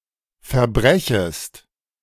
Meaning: second-person singular subjunctive I of verbrechen
- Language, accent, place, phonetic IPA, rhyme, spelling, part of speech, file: German, Germany, Berlin, [fɛɐ̯ˈbʁɛçəst], -ɛçəst, verbrechest, verb, De-verbrechest.ogg